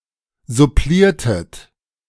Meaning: inflection of supplieren: 1. second-person plural preterite 2. second-person plural subjunctive II
- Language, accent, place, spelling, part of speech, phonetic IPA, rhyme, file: German, Germany, Berlin, suppliertet, verb, [zʊˈpliːɐ̯tət], -iːɐ̯tət, De-suppliertet.ogg